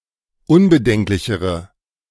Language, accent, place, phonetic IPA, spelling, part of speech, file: German, Germany, Berlin, [ˈʊnbəˌdɛŋklɪçəʁə], unbedenklichere, adjective, De-unbedenklichere.ogg
- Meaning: inflection of unbedenklich: 1. strong/mixed nominative/accusative feminine singular comparative degree 2. strong nominative/accusative plural comparative degree